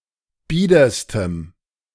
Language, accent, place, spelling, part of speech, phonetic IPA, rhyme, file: German, Germany, Berlin, biederstem, adjective, [ˈbiːdɐstəm], -iːdɐstəm, De-biederstem.ogg
- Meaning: strong dative masculine/neuter singular superlative degree of bieder